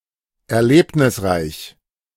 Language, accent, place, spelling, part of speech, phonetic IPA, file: German, Germany, Berlin, erlebnisreich, adjective, [ɛɐ̯ˈleːpnɪsˌʁaɪ̯ç], De-erlebnisreich.ogg
- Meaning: eventful